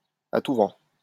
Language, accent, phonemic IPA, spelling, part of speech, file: French, France, /a tu vɑ̃/, à tout vent, adverb, LL-Q150 (fra)-à tout vent.wav
- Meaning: left and right, everywhere and without due consideration, at every turn and rather blithely